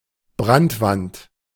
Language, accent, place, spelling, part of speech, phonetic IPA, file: German, Germany, Berlin, Brandwand, noun, [ˈbʁantˌvant], De-Brandwand.ogg
- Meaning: firewall